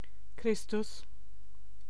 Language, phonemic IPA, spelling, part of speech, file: German, /ˈkʁɪstʊs/, Christus, proper noun, De-Christus.ogg
- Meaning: Christ (Jesus seen as the messiah)